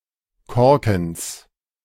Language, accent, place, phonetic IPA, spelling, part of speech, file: German, Germany, Berlin, [ˈkɔʁkn̩s], Korkens, noun, De-Korkens.ogg
- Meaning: genitive singular of Korken